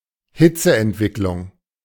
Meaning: heat generation
- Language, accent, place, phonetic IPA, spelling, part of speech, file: German, Germany, Berlin, [ˈhɪt͡səʔɛntˌvɪklʊŋ], Hitzeentwicklung, noun, De-Hitzeentwicklung.ogg